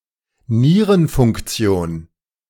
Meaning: renal function
- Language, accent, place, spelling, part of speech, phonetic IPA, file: German, Germany, Berlin, Nierenfunktion, noun, [ˈniːʁənfʊŋkˌt͡si̯oːn], De-Nierenfunktion.ogg